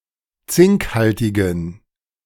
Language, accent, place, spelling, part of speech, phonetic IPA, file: German, Germany, Berlin, zinkhaltigen, adjective, [ˈt͡sɪŋkˌhaltɪɡn̩], De-zinkhaltigen.ogg
- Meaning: inflection of zinkhaltig: 1. strong genitive masculine/neuter singular 2. weak/mixed genitive/dative all-gender singular 3. strong/weak/mixed accusative masculine singular 4. strong dative plural